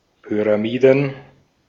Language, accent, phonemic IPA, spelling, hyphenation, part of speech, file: German, Austria, /ˌpyʁaˈmiːdən/, Pyramiden, Py‧ra‧mi‧den, noun, De-at-Pyramiden.ogg
- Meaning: plural of Pyramide